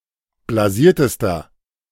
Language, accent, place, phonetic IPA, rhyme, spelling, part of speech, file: German, Germany, Berlin, [blaˈziːɐ̯təstɐ], -iːɐ̯təstɐ, blasiertester, adjective, De-blasiertester.ogg
- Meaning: inflection of blasiert: 1. strong/mixed nominative masculine singular superlative degree 2. strong genitive/dative feminine singular superlative degree 3. strong genitive plural superlative degree